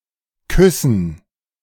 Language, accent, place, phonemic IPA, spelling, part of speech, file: German, Germany, Berlin, /ˈkʏsən/, Küssen, noun, De-Küssen.ogg
- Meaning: 1. gerund of küssen 2. dative plural of Kuss 3. alternative form of Kissen